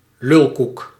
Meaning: bullshit, poppycock, nonsense
- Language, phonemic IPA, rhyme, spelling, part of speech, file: Dutch, /ˈlʏl.kuk/, -ʏlkuk, lulkoek, noun, Nl-lulkoek.ogg